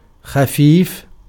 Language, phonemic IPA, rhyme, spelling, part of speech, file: Arabic, /xa.fiːf/, -iːf, خفيف, adjective / noun, Ar-خفيف.ogg
- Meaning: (adjective) 1. light (in weight) 2. nimble, agile, skillful 3. insignificant 4. weak, feeble 5. light-minded, frivolous, fickle 6. imbecile; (noun) a type of poetic meter